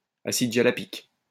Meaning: jalapic acid
- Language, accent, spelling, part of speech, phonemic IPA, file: French, France, acide jalapique, noun, /a.sid ʒa.la.pik/, LL-Q150 (fra)-acide jalapique.wav